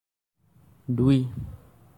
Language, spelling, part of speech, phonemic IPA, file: Assamese, দুই, numeral, /dui/, As-দুই.ogg
- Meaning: two